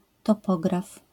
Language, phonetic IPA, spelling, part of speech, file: Polish, [tɔˈpɔɡraf], topograf, noun, LL-Q809 (pol)-topograf.wav